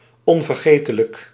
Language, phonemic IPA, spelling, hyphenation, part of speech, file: Dutch, /ˌɔn.vərˈɣeː.tə.lək/, onvergetelijk, on‧ver‧ge‧te‧lijk, adjective, Nl-onvergetelijk.ogg
- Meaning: unforgettable